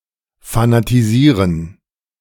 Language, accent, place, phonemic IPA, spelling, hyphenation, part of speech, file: German, Germany, Berlin, /fanatiˈziːʁən/, fanatisieren, fa‧na‧ti‧sie‧ren, verb, De-fanatisieren.ogg
- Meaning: to fanaticize